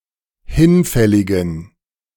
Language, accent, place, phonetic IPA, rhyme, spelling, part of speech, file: German, Germany, Berlin, [ˈhɪnˌfɛlɪɡn̩], -ɪnfɛlɪɡn̩, hinfälligen, adjective, De-hinfälligen.ogg
- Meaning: inflection of hinfällig: 1. strong genitive masculine/neuter singular 2. weak/mixed genitive/dative all-gender singular 3. strong/weak/mixed accusative masculine singular 4. strong dative plural